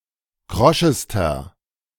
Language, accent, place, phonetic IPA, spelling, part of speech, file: German, Germany, Berlin, [ˈkʁɔʃəstɐ], kroschester, adjective, De-kroschester.ogg
- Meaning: inflection of krosch: 1. strong/mixed nominative masculine singular superlative degree 2. strong genitive/dative feminine singular superlative degree 3. strong genitive plural superlative degree